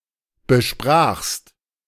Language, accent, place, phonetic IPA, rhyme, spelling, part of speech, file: German, Germany, Berlin, [bəˈʃpʁaːxst], -aːxst, besprachst, verb, De-besprachst.ogg
- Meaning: second-person singular preterite of besprechen